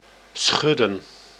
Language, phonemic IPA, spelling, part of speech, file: Dutch, /ˈsxʏdə(n)/, schudden, verb, Nl-schudden.ogg
- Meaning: 1. to shake, to tremble, to waver 2. to shuffle (cards) 3. to nod as in to express disagreement